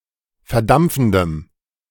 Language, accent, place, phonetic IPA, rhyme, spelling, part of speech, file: German, Germany, Berlin, [fɛɐ̯ˈdamp͡fn̩dəm], -amp͡fn̩dəm, verdampfendem, adjective, De-verdampfendem.ogg
- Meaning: strong dative masculine/neuter singular of verdampfend